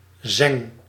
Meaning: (noun) gust, windflaw; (verb) inflection of zengen: 1. first-person singular present indicative 2. second-person singular present indicative 3. imperative
- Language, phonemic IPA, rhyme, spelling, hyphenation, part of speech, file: Dutch, /zɛŋ/, -ɛŋ, zeng, zeng, noun / verb, Nl-zeng.ogg